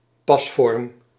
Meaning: fit
- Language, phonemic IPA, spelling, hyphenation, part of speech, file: Dutch, /ˈpɑsfɔrᵊm/, pasvorm, pas‧vorm, noun, Nl-pasvorm.ogg